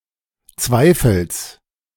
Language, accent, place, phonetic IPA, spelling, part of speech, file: German, Germany, Berlin, [ˈt͡svaɪ̯fəls], Zweifels, noun, De-Zweifels.ogg
- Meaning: genitive singular of Zweifel